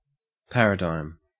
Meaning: A pattern, a way of doing something; especially a pattern of thought, a system of beliefs, a conceptual framework
- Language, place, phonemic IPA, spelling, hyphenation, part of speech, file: English, Queensland, /ˈpæɹ.ə.dɑem/, paradigm, par‧a‧digm, noun, En-au-paradigm.ogg